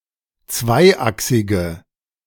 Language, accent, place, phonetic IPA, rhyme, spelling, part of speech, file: German, Germany, Berlin, [ˈt͡svaɪ̯ˌʔaksɪɡə], -aɪ̯ʔaksɪɡə, zweiachsige, adjective, De-zweiachsige.ogg
- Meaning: inflection of zweiachsig: 1. strong/mixed nominative/accusative feminine singular 2. strong nominative/accusative plural 3. weak nominative all-gender singular